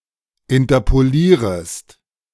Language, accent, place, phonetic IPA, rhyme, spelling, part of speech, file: German, Germany, Berlin, [ɪntɐpoˈliːʁəst], -iːʁəst, interpolierest, verb, De-interpolierest.ogg
- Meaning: second-person singular subjunctive I of interpolieren